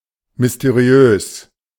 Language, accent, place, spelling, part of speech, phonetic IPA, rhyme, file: German, Germany, Berlin, mysteriös, adjective, [mʏsteˈʁi̯øːs], -øːs, De-mysteriös.ogg
- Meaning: mysterious